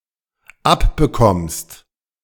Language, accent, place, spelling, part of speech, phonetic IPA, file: German, Germany, Berlin, abbekommst, verb, [ˈapbəˌkɔmst], De-abbekommst.ogg
- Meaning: second-person singular dependent present of abbekommen